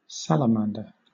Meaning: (noun) A long, slender, chiefly terrestrial amphibian of the order Caudata, superficially resembling a lizard
- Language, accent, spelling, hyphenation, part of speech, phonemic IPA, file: English, Southern England, salamander, sal‧a‧man‧der, noun / verb, /ˈsæləˌmændə/, LL-Q1860 (eng)-salamander.wav